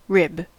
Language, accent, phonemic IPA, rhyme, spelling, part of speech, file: English, US, /ɹɪb/, -ɪb, rib, noun / verb, En-us-rib.ogg
- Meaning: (noun) Any of a series of long curved bones occurring in 12 pairs in humans and other animals and extending from the spine to or toward the sternum